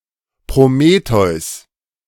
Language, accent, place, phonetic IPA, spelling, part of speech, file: German, Germany, Berlin, [pʁoˈmeːtɔɪ̯s], Prometheus, proper noun, De-Prometheus.ogg
- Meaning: Prometheus